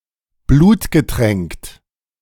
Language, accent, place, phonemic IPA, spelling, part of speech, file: German, Germany, Berlin, /ˈbluːtɡəˌtʁɛŋkt/, blutgetränkt, adjective, De-blutgetränkt.ogg
- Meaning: bloodsoaked